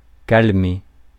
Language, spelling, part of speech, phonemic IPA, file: French, calmer, verb, /kal.me/, Fr-calmer.ogg
- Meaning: 1. to calm, pacify, soothe 2. to calm down, abate, subside